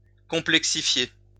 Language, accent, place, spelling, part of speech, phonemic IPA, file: French, France, Lyon, complexifier, verb, /kɔ̃.plɛk.si.fje/, LL-Q150 (fra)-complexifier.wav
- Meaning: to complexify, complicate